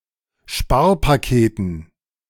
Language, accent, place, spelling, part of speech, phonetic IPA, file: German, Germany, Berlin, Sparpaketen, noun, [ˈʃpaːɐ̯paˌkeːtn̩], De-Sparpaketen.ogg
- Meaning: dative plural of Sparpaket